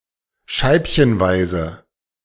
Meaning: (adverb) 1. in small slices 2. little by little, bit by bit; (adjective) piecemeal, piece-by-piece
- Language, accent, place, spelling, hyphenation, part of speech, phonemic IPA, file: German, Germany, Berlin, scheibchenweise, scheib‧chen‧wei‧se, adverb / adjective, /ˈʃaɪ̯pçənˌvaɪ̯zə/, De-scheibchenweise.ogg